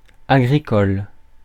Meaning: agricultural
- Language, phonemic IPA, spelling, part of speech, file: French, /a.ɡʁi.kɔl/, agricole, adjective, Fr-agricole.ogg